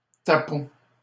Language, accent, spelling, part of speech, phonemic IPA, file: French, Canada, tapon, noun, /ta.pɔ̃/, LL-Q150 (fra)-tapon.wav
- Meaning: 1. bung; stopper 2. load; shedload